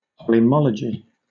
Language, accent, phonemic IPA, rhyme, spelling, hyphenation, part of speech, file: English, Southern England, /ˌpɒləˈmɒləd͡ʒi/, -ɒlədʒi, polemology, po‧le‧mo‧lo‧gy, noun, LL-Q1860 (eng)-polemology.wav
- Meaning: The study of human conflict and war